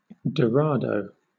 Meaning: A mahi-mahi or dolphinfish (Coryphaena hippurus), fish with a dorsal fin that runs the length of the body, also known for iridescent coloration
- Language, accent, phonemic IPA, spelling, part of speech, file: English, Southern England, /dəˈɹɑːdəʊ/, dorado, noun, LL-Q1860 (eng)-dorado.wav